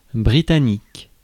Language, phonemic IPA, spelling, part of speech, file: French, /bʁi.ta.nik/, britannique, adjective, Fr-britannique.ogg
- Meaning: British